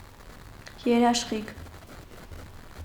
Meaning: 1. guarantee 2. warranty
- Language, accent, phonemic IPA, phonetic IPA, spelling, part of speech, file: Armenian, Eastern Armenian, /jeɾɑʃˈχikʰ/, [jeɾɑʃχíkʰ], երաշխիք, noun, Hy-երաշխիք.ogg